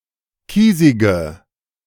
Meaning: inflection of kiesig: 1. strong/mixed nominative/accusative feminine singular 2. strong nominative/accusative plural 3. weak nominative all-gender singular 4. weak accusative feminine/neuter singular
- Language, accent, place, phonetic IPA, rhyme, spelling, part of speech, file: German, Germany, Berlin, [ˈkiːzɪɡə], -iːzɪɡə, kiesige, adjective, De-kiesige.ogg